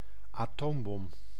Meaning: atomic bomb
- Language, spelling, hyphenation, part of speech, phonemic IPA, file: Dutch, atoombom, atoom‧bom, noun, /aːˈtoːm.bɔm/, Nl-atoombom.ogg